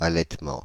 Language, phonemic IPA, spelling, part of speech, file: French, /a.lɛt.mɑ̃/, allaitement, noun, Fr-allaitement.ogg
- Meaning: 1. breastfeeding 2. suckling